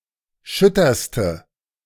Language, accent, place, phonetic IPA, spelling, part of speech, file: German, Germany, Berlin, [ˈʃʏtɐstə], schütterste, adjective, De-schütterste.ogg
- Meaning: inflection of schütter: 1. strong/mixed nominative/accusative feminine singular superlative degree 2. strong nominative/accusative plural superlative degree